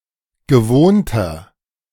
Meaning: inflection of gewohnt: 1. strong/mixed nominative masculine singular 2. strong genitive/dative feminine singular 3. strong genitive plural
- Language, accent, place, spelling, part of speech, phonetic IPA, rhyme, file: German, Germany, Berlin, gewohnter, adjective, [ɡəˈvoːntɐ], -oːntɐ, De-gewohnter.ogg